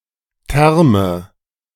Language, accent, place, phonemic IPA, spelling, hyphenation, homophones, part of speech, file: German, Germany, Berlin, /ˈtɛʁmə/, Therme, Ther‧me, Terme, noun, De-Therme.ogg
- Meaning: 1. thermal spring, thermae 2. spa, day spa (complex with saunas, hot baths, etc.) 3. short for Kombitherme (“boiler that produces hot water for both kitchen/bathroom use and heating”)